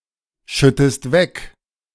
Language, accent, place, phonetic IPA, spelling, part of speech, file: German, Germany, Berlin, [ˌʃʏtəst ˈvɛk], schüttest weg, verb, De-schüttest weg.ogg
- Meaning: inflection of wegschütten: 1. second-person singular present 2. second-person singular subjunctive I